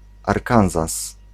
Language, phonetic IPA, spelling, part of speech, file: Polish, [ˈarkãw̃sɔ], Arkansas, proper noun, Pl-Arkansas.ogg